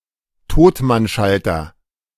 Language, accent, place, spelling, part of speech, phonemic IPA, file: German, Germany, Berlin, Totmannschalter, noun, /ˈtoːtmanˌʃaltɐ/, De-Totmannschalter.ogg
- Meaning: dead man's switch